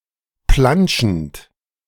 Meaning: present participle of plantschen
- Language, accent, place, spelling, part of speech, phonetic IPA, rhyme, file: German, Germany, Berlin, plantschend, verb, [ˈplant͡ʃn̩t], -ant͡ʃn̩t, De-plantschend.ogg